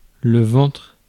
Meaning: 1. belly 2. antinode
- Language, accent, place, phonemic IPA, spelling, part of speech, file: French, France, Paris, /vɑ̃tʁ/, ventre, noun, Fr-ventre.ogg